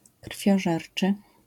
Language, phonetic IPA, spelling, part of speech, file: Polish, [kr̥fʲjɔˈʒɛrt͡ʃɨ], krwiożerczy, adjective, LL-Q809 (pol)-krwiożerczy.wav